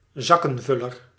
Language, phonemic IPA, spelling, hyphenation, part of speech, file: Dutch, /ˈzɑ.kə(n)ˌvʏ.lər/, zakkenvuller, zak‧ken‧vul‧ler, noun, Nl-zakkenvuller.ogg
- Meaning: a profiteer, moneygrubber; someone who is enriched at the expense of others; (by extension) corrupt person; a financial parasite